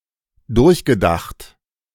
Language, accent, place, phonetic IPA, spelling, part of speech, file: German, Germany, Berlin, [ˈdʊʁçɡəˌdaxt], durchgedacht, verb, De-durchgedacht.ogg
- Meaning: past participle of durchdenken